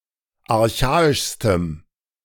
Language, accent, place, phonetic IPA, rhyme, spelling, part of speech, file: German, Germany, Berlin, [aʁˈçaːɪʃstəm], -aːɪʃstəm, archaischstem, adjective, De-archaischstem.ogg
- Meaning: strong dative masculine/neuter singular superlative degree of archaisch